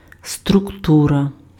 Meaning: structure
- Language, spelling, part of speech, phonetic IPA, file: Ukrainian, структура, noun, [strʊkˈturɐ], Uk-структура.ogg